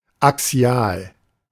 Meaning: axial
- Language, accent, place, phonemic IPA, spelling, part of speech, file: German, Germany, Berlin, /aˈksi̯aːl/, axial, adjective, De-axial.ogg